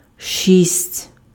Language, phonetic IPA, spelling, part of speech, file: Ukrainian, [ʃʲisʲtʲ], шість, numeral, Uk-шість.ogg
- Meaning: six (6)